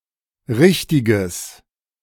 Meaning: strong/mixed nominative/accusative neuter singular of richtig
- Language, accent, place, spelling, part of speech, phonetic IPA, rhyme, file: German, Germany, Berlin, richtiges, adjective, [ˈʁɪçtɪɡəs], -ɪçtɪɡəs, De-richtiges.ogg